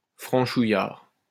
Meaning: 1. typically, rustically French 2. excessively chauvinistic
- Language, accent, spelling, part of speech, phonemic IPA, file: French, France, franchouillard, adjective, /fʁɑ̃.ʃu.jaʁ/, LL-Q150 (fra)-franchouillard.wav